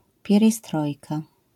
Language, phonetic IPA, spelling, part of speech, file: Polish, [ˌpʲjɛrɛˈstrɔjka], pierestrojka, noun, LL-Q809 (pol)-pierestrojka.wav